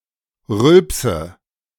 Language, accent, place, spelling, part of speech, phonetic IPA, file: German, Germany, Berlin, rülpse, verb, [ˈʁʏlpsə], De-rülpse.ogg
- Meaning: inflection of rülpsen: 1. first-person singular present 2. first/third-person singular subjunctive I 3. singular imperative